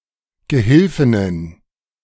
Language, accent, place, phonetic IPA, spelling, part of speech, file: German, Germany, Berlin, [ɡəˈhɪlfɪnən], Gehilfinnen, noun, De-Gehilfinnen.ogg
- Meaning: plural of Gehilfin